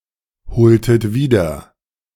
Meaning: strong/mixed nominative/accusative neuter singular of bezeugend
- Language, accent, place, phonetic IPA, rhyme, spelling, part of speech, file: German, Germany, Berlin, [bəˈt͡sɔɪ̯ɡn̩dəs], -ɔɪ̯ɡn̩dəs, bezeugendes, adjective, De-bezeugendes.ogg